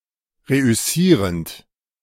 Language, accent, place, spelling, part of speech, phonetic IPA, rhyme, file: German, Germany, Berlin, reüssierend, verb, [ˌʁeʔʏˈsiːʁənt], -iːʁənt, De-reüssierend.ogg
- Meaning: present participle of reüssieren